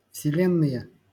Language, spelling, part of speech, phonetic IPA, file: Russian, вселенные, noun, [fsʲɪˈlʲenːɨje], LL-Q7737 (rus)-вселенные.wav
- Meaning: nominative/accusative plural of вселе́нная (vselénnaja)